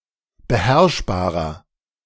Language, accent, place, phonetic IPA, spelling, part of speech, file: German, Germany, Berlin, [bəˈhɛʁʃbaːʁɐ], beherrschbarer, adjective, De-beherrschbarer.ogg
- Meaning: 1. comparative degree of beherrschbar 2. inflection of beherrschbar: strong/mixed nominative masculine singular 3. inflection of beherrschbar: strong genitive/dative feminine singular